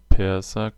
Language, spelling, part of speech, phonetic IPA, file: German, Perser, noun, [ˈpɛʁzɐ], De-Perser.ogg
- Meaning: 1. Persian person 2. Persian carpet 3. Persian cat